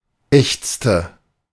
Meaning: inflection of ächzen: 1. first/third-person singular preterite 2. first/third-person singular subjunctive II
- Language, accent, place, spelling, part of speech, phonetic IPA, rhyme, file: German, Germany, Berlin, ächzte, verb, [ˈɛçt͡stə], -ɛçt͡stə, De-ächzte.ogg